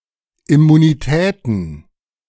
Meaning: plural of Immunität
- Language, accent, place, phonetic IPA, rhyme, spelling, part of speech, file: German, Germany, Berlin, [ɪmuniˈtɛːtn̩], -ɛːtn̩, Immunitäten, noun, De-Immunitäten.ogg